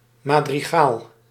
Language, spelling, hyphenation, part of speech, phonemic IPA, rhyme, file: Dutch, madrigaal, ma‧dri‧gaal, noun, /ˌmaː.driˈɣaːl/, -aːl, Nl-madrigaal.ogg
- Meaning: madrigal (unaccompanied polyphonic song)